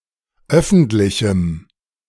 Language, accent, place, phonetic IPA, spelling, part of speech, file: German, Germany, Berlin, [ˈœfn̩tlɪçm̩], öffentlichem, adjective, De-öffentlichem.ogg
- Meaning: strong dative masculine/neuter singular of öffentlich